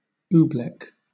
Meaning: A mixture of cornstarch and water with unusual physical properties
- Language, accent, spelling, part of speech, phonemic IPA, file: English, Southern England, oobleck, noun, /ˈuː.blɛk/, LL-Q1860 (eng)-oobleck.wav